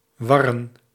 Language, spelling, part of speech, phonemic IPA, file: Dutch, warren, verb / noun, /ˈʋɑrən/, Nl-warren.ogg
- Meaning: plural of war